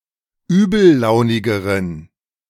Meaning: inflection of übellaunig: 1. strong genitive masculine/neuter singular comparative degree 2. weak/mixed genitive/dative all-gender singular comparative degree
- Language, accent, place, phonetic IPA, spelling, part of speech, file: German, Germany, Berlin, [ˈyːbl̩ˌlaʊ̯nɪɡəʁən], übellaunigeren, adjective, De-übellaunigeren.ogg